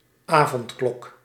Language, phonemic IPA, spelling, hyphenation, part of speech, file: Dutch, /ˈaː.vɔntˌklɔk/, avondklok, avond‧klok, noun, Nl-avondklok.ogg
- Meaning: 1. curfew 2. curfew bell, evening bell